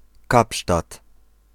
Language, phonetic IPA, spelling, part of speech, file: Polish, [ˈkapʃtat], Kapsztad, proper noun, Pl-Kapsztad.ogg